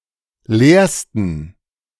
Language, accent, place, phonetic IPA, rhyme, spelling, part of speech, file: German, Germany, Berlin, [ˈleːɐ̯stn̩], -eːɐ̯stn̩, leersten, adjective, De-leersten.ogg
- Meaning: 1. superlative degree of leer 2. inflection of leer: strong genitive masculine/neuter singular superlative degree